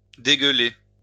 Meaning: to chuck up; to spew; to throw up (to vomit)
- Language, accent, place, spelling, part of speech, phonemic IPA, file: French, France, Lyon, dégueuler, verb, /de.ɡœ.le/, LL-Q150 (fra)-dégueuler.wav